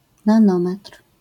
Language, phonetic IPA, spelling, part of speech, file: Polish, [nãˈnɔ̃mɛtr̥], nanometr, noun, LL-Q809 (pol)-nanometr.wav